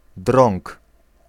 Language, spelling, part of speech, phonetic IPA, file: Polish, drąg, noun, [drɔ̃ŋk], Pl-drąg.ogg